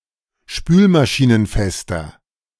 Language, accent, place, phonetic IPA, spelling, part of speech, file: German, Germany, Berlin, [ˈʃpyːlmaʃiːnənˌfɛstɐ], spülmaschinenfester, adjective, De-spülmaschinenfester.ogg
- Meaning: inflection of spülmaschinenfest: 1. strong/mixed nominative masculine singular 2. strong genitive/dative feminine singular 3. strong genitive plural